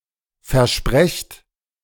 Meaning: inflection of versprechen: 1. second-person plural present 2. plural imperative
- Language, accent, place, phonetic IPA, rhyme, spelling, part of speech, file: German, Germany, Berlin, [fɛɐ̯ˈʃpʁɛçt], -ɛçt, versprecht, verb, De-versprecht.ogg